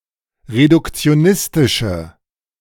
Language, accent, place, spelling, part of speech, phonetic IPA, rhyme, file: German, Germany, Berlin, reduktionistische, adjective, [ʁedʊkt͡si̯oˈnɪstɪʃə], -ɪstɪʃə, De-reduktionistische.ogg
- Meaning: inflection of reduktionistisch: 1. strong/mixed nominative/accusative feminine singular 2. strong nominative/accusative plural 3. weak nominative all-gender singular